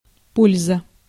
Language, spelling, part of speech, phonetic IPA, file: Russian, польза, noun, [ˈpolʲzə], Ru-польза.ogg
- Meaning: use, benefit, advantage, profit, usefulness